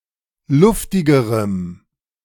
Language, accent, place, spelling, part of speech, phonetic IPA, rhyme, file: German, Germany, Berlin, luftigerem, adjective, [ˈlʊftɪɡəʁəm], -ʊftɪɡəʁəm, De-luftigerem.ogg
- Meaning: strong dative masculine/neuter singular comparative degree of luftig